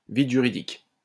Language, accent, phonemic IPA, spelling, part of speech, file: French, France, /vid ʒy.ʁi.dik/, vide juridique, noun, LL-Q150 (fra)-vide juridique.wav
- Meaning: legal vacuum